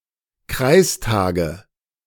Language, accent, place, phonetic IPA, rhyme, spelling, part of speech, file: German, Germany, Berlin, [ˈkʁaɪ̯sˌtaːɡə], -aɪ̯staːɡə, Kreistage, noun, De-Kreistage.ogg
- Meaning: nominative/accusative/genitive plural of Kreistag